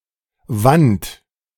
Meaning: shroud
- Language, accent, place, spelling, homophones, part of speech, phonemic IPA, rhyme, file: German, Germany, Berlin, Want, Wand, noun, /vant/, -ant, De-Want.ogg